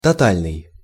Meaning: total, all-out, comprehensive, complete
- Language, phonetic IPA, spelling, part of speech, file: Russian, [tɐˈtalʲnɨj], тотальный, adjective, Ru-тотальный.ogg